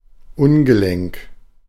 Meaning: ungainly, awkward, clumsy
- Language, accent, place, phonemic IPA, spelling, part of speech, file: German, Germany, Berlin, /ˈʊnɡəˌlɛŋk/, ungelenk, adjective, De-ungelenk.ogg